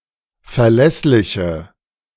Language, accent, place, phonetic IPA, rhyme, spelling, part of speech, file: German, Germany, Berlin, [fɛɐ̯ˈlɛslɪçə], -ɛslɪçə, verlässliche, adjective, De-verlässliche.ogg
- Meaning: inflection of verlässlich: 1. strong/mixed nominative/accusative feminine singular 2. strong nominative/accusative plural 3. weak nominative all-gender singular